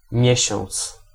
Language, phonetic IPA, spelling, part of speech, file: Polish, [ˈmʲjɛ̇ɕɔ̃nt͡s], miesiąc, noun, Pl-miesiąc.ogg